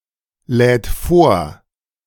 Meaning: third-person singular present of vorladen
- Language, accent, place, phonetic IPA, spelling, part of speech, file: German, Germany, Berlin, [ˌlɛːt ˈfoːɐ̯], lädt vor, verb, De-lädt vor.ogg